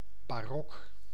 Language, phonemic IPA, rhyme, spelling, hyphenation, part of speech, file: Dutch, /baːˈrɔk/, -ɔk, barok, ba‧rok, proper noun / adjective, Nl-barok.ogg
- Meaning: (proper noun) the Baroque (period); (adjective) baroque